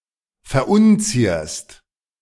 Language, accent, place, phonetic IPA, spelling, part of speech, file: German, Germany, Berlin, [fɛɐ̯ˈʔʊnˌt͡siːɐ̯st], verunzierst, verb, De-verunzierst.ogg
- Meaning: second-person singular present of verunzieren